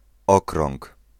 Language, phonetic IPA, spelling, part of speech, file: Polish, [ˈɔkrɔ̃ŋk], okrąg, noun, Pl-okrąg.ogg